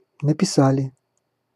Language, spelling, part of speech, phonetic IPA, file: Russian, написали, verb, [nəpʲɪˈsalʲɪ], Ru-написа́ли.ogg
- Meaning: plural past indicative perfective of написа́ть (napisátʹ)